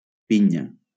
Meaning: 1. pine cone 2. pineapple (fruit) 3. the base of a castell, formed of tightly packed castellers who help to support the central trunk and provide safety in case of a collapse
- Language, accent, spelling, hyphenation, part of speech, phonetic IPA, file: Catalan, Valencia, pinya, pi‧nya, noun, [ˈpi.ɲa], LL-Q7026 (cat)-pinya.wav